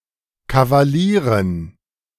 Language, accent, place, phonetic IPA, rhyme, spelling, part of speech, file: German, Germany, Berlin, [kavaˈliːʁən], -iːʁən, Kavalieren, noun, De-Kavalieren.ogg
- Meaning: dative plural of Kavalier